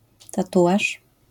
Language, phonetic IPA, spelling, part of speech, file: Polish, [taˈtuʷaʃ], tatuaż, noun, LL-Q809 (pol)-tatuaż.wav